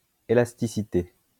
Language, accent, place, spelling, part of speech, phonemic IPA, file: French, France, Lyon, élasticité, noun, /e.las.ti.si.te/, LL-Q150 (fra)-élasticité.wav
- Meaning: elasticity